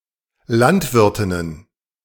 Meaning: plural of Landwirtin
- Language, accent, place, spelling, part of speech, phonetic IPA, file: German, Germany, Berlin, Landwirtinnen, noun, [ˈlantˌvɪʁtɪnən], De-Landwirtinnen.ogg